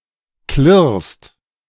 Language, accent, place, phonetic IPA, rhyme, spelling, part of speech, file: German, Germany, Berlin, [klɪʁst], -ɪʁst, klirrst, verb, De-klirrst.ogg
- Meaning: second-person singular present of klirren